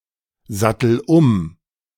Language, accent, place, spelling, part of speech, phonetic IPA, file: German, Germany, Berlin, sattel um, verb, [ˌzatl̩ ˈʊm], De-sattel um.ogg
- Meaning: inflection of umsatteln: 1. first-person singular present 2. singular imperative